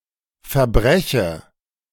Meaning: inflection of verbrechen: 1. first-person singular present 2. first/third-person singular subjunctive I
- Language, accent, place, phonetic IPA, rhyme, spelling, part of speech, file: German, Germany, Berlin, [fɛɐ̯ˈbʁɛçə], -ɛçə, verbreche, verb, De-verbreche.ogg